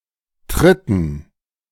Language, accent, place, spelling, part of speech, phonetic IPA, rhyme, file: German, Germany, Berlin, Tritten, noun, [ˈtʁɪtn̩], -ɪtn̩, De-Tritten.ogg
- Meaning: dative plural of Tritt